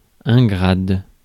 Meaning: 1. rank 2. gradian
- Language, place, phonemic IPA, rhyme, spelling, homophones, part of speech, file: French, Paris, /ɡʁad/, -ad, grade, grades, noun, Fr-grade.ogg